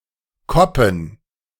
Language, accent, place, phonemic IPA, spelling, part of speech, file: German, Germany, Berlin, /ˈkɔpn̩/, koppen, verb, De-koppen.ogg
- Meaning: 1. to crib 2. to belch